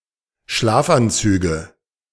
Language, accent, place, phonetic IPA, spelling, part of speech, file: German, Germany, Berlin, [ˈʃlaːfʔanˌt͡syːɡə], Schlafanzüge, noun, De-Schlafanzüge.ogg
- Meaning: nominative/accusative/genitive plural of Schlafanzug